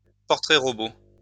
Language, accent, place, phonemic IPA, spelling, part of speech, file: French, France, Lyon, /pɔʁ.tʁɛ.ʁɔ.bo/, portrait-robot, noun, LL-Q150 (fra)-portrait-robot.wav
- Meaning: identikit, composite sketch, police sketch, facial composite (sketch of a criminal based on eyewitness account)